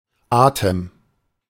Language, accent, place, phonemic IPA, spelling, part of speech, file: German, Germany, Berlin, /ˈaːtəm/, Atem, noun, De-Atem.ogg
- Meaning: breath